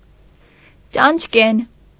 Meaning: black and white spotted; fleabitten
- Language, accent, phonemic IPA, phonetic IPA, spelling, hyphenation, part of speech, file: Armenian, Eastern Armenian, /t͡ʃɑnt͡ʃˈken/, [t͡ʃɑnt͡ʃkén], ճանճկեն, ճանճ‧կեն, adjective, Hy-ճանճկեն.ogg